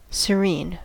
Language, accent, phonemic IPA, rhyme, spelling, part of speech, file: English, US, /səˈɹin/, -iːn, serene, adjective / verb / noun, En-us-serene.ogg
- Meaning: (adjective) 1. Calm, peaceful, unruffled 2. Without worry or anxiety; unaffected by disturbance 3. Fair and unclouded (as of the sky); clear; unobscured